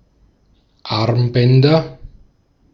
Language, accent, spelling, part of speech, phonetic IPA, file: German, Austria, Armbänder, noun, [ˈaʁmˌbɛndɐ], De-at-Armbänder.ogg
- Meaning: nominative/accusative/genitive plural of Armband